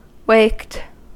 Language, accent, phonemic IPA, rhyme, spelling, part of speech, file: English, US, /ˈweɪkt/, -eɪkt, waked, verb, En-us-waked.ogg
- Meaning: simple past and past participle of wake